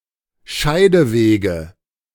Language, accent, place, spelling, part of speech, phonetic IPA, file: German, Germany, Berlin, Scheidewege, noun, [ˈʃaɪ̯dəˌveːɡə], De-Scheidewege.ogg
- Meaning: nominative/accusative/genitive plural of Scheideweg